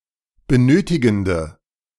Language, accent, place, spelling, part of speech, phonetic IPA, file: German, Germany, Berlin, benötigende, adjective, [bəˈnøːtɪɡn̩də], De-benötigende.ogg
- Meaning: inflection of benötigend: 1. strong/mixed nominative/accusative feminine singular 2. strong nominative/accusative plural 3. weak nominative all-gender singular